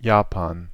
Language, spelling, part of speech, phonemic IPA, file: German, Japan, proper noun, /ˈjaːpan/, De-Japan.ogg
- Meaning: Japan (a country in East Asia)